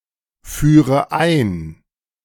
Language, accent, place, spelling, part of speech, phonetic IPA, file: German, Germany, Berlin, führe ein, verb, [ˌfyːʁə ˈaɪ̯n], De-führe ein.ogg
- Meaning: inflection of einführen: 1. first-person singular present 2. first/third-person singular subjunctive I 3. singular imperative